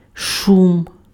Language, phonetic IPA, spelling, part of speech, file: Ukrainian, [ˈʃum], шум, noun, Uk-шум.ogg
- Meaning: 1. noise 2. foam, froth 3. whirlpool 4. forest, woods 5. A traditional Ukrainian dance